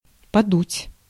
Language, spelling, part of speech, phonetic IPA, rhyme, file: Russian, подуть, verb, [pɐˈdutʲ], -utʲ, Ru-подуть.ogg
- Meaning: 1. to blow 2. to be drafty 3. to go quickly, to scamper 4. to start blowing